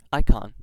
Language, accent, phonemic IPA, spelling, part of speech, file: English, US, /ˈaɪ.kɑn/, icon, noun, En-us-icon.ogg
- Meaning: An image, symbol, picture, portrait, or other representation, usually as an object of religious devotion